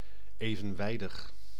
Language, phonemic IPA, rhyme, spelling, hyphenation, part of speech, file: Dutch, /ˌeː.və(n)ˈʋɛi̯.dəx/, -ɛi̯dəx, evenwijdig, even‧wij‧dig, adjective, Nl-evenwijdig.ogg
- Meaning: parallel